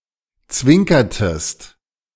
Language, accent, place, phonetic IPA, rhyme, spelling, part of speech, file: German, Germany, Berlin, [ˈt͡svɪŋkɐtəst], -ɪŋkɐtəst, zwinkertest, verb, De-zwinkertest.ogg
- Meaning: inflection of zwinkern: 1. second-person singular preterite 2. second-person singular subjunctive II